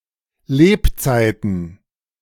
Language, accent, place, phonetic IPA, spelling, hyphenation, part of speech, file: German, Germany, Berlin, [ˈleːpˌt͡saɪ̯tn̩], Lebzeiten, Leb‧zei‧ten, noun, De-Lebzeiten.ogg
- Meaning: plural of Lebzeit: lifetime